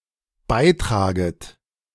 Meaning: second-person plural dependent subjunctive I of beitragen
- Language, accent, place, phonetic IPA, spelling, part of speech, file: German, Germany, Berlin, [ˈbaɪ̯ˌtʁaːɡət], beitraget, verb, De-beitraget.ogg